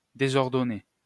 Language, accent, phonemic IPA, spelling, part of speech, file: French, France, /de.zɔʁ.dɔ.ne/, désordonné, verb / adjective, LL-Q150 (fra)-désordonné.wav
- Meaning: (verb) past participle of désordonner; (adjective) disorderly, untidy